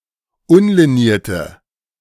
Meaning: inflection of unliniert: 1. strong/mixed nominative/accusative feminine singular 2. strong nominative/accusative plural 3. weak nominative all-gender singular
- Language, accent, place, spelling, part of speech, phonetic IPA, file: German, Germany, Berlin, unlinierte, adjective, [ˈʊnliˌniːɐ̯tə], De-unlinierte.ogg